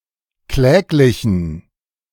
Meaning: inflection of kläglich: 1. strong genitive masculine/neuter singular 2. weak/mixed genitive/dative all-gender singular 3. strong/weak/mixed accusative masculine singular 4. strong dative plural
- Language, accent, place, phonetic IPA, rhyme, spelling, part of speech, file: German, Germany, Berlin, [ˈklɛːklɪçn̩], -ɛːklɪçn̩, kläglichen, adjective, De-kläglichen.ogg